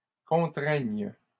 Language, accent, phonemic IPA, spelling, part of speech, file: French, Canada, /kɔ̃.tʁɛɲ/, contraignes, verb, LL-Q150 (fra)-contraignes.wav
- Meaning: second-person singular present subjunctive of contraindre